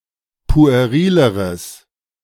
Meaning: strong/mixed nominative/accusative neuter singular comparative degree of pueril
- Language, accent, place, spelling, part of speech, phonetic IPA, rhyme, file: German, Germany, Berlin, puerileres, adjective, [pu̯eˈʁiːləʁəs], -iːləʁəs, De-puerileres.ogg